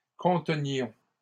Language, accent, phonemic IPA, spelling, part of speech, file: French, Canada, /kɔ̃.tə.njɔ̃/, contenions, verb, LL-Q150 (fra)-contenions.wav
- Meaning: inflection of contenir: 1. first-person plural imperfect indicative 2. first-person plural present subjunctive